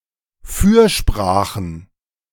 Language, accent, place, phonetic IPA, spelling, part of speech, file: German, Germany, Berlin, [ˈfyːɐ̯ˌʃpʁaːxn̩], Fürsprachen, noun, De-Fürsprachen.ogg
- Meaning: plural of Fürsprache